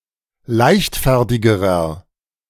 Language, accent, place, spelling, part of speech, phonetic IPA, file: German, Germany, Berlin, leichtfertigerer, adjective, [ˈlaɪ̯çtˌfɛʁtɪɡəʁɐ], De-leichtfertigerer.ogg
- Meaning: inflection of leichtfertig: 1. strong/mixed nominative masculine singular comparative degree 2. strong genitive/dative feminine singular comparative degree 3. strong genitive plural comparative degree